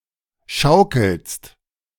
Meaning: second-person singular present of schaukeln
- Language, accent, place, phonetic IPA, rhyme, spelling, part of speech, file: German, Germany, Berlin, [ˈʃaʊ̯kl̩st], -aʊ̯kl̩st, schaukelst, verb, De-schaukelst.ogg